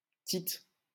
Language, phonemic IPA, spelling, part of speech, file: French, /tit/, Tite, proper noun, LL-Q150 (fra)-Tite.wav
- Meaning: 1. a male given name from Latin, equivalent to English Titus 2. Titus (book of the Bible)